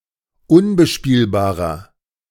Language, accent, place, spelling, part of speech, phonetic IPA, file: German, Germany, Berlin, unbespielbarer, adjective, [ˈʊnbəˌʃpiːlbaːʁɐ], De-unbespielbarer.ogg
- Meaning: inflection of unbespielbar: 1. strong/mixed nominative masculine singular 2. strong genitive/dative feminine singular 3. strong genitive plural